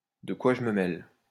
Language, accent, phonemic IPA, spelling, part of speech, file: French, France, /də kwa ʒ(ə) mə mɛl/, de quoi je me mêle, phrase, LL-Q150 (fra)-de quoi je me mêle.wav
- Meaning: mind your own business! that's none of your business!